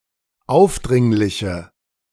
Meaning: inflection of aufdringlich: 1. strong/mixed nominative/accusative feminine singular 2. strong nominative/accusative plural 3. weak nominative all-gender singular
- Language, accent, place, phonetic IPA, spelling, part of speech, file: German, Germany, Berlin, [ˈaʊ̯fˌdʁɪŋlɪçə], aufdringliche, adjective, De-aufdringliche.ogg